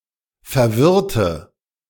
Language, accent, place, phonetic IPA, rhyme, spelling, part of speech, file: German, Germany, Berlin, [fɛɐ̯ˈvɪʁtə], -ɪʁtə, verwirrte, adjective, De-verwirrte.ogg
- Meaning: inflection of verwirren: 1. first/third-person singular preterite 2. first/third-person singular subjunctive II